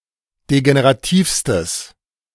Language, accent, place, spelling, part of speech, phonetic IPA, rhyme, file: German, Germany, Berlin, degenerativstes, adjective, [deɡeneʁaˈtiːfstəs], -iːfstəs, De-degenerativstes.ogg
- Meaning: strong/mixed nominative/accusative neuter singular superlative degree of degenerativ